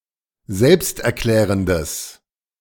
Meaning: strong/mixed nominative/accusative neuter singular of selbsterklärend
- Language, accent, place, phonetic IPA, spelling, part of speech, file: German, Germany, Berlin, [ˈzɛlpstʔɛɐ̯ˌklɛːʁəndəs], selbsterklärendes, adjective, De-selbsterklärendes.ogg